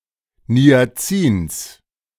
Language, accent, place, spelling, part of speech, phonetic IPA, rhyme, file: German, Germany, Berlin, Niacins, noun, [ni̯aˈt͡siːns], -iːns, De-Niacins.ogg
- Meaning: genitive singular of Niacin